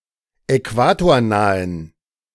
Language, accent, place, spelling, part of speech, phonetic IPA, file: German, Germany, Berlin, äquatornahen, adjective, [ɛˈkvaːtoːɐ̯ˌnaːən], De-äquatornahen.ogg
- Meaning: inflection of äquatornah: 1. strong genitive masculine/neuter singular 2. weak/mixed genitive/dative all-gender singular 3. strong/weak/mixed accusative masculine singular 4. strong dative plural